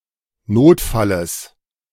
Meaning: genitive singular of Notfall
- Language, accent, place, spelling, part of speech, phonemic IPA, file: German, Germany, Berlin, Notfalles, noun, /ˈnoːtˌfaləs/, De-Notfalles.ogg